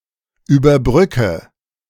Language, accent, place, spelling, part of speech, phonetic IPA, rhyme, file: German, Germany, Berlin, überbrücke, verb, [yːbɐˈbʁʏkə], -ʏkə, De-überbrücke.ogg
- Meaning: inflection of überbrücken: 1. first-person singular present 2. first/third-person singular subjunctive I 3. singular imperative